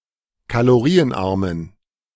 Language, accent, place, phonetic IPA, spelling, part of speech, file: German, Germany, Berlin, [kaloˈʁiːənˌʔaʁmən], kalorienarmen, adjective, De-kalorienarmen.ogg
- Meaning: inflection of kalorienarm: 1. strong genitive masculine/neuter singular 2. weak/mixed genitive/dative all-gender singular 3. strong/weak/mixed accusative masculine singular 4. strong dative plural